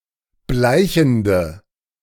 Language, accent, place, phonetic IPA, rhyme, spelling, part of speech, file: German, Germany, Berlin, [ˈblaɪ̯çn̩də], -aɪ̯çn̩də, bleichende, adjective, De-bleichende.ogg
- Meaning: inflection of bleichend: 1. strong/mixed nominative/accusative feminine singular 2. strong nominative/accusative plural 3. weak nominative all-gender singular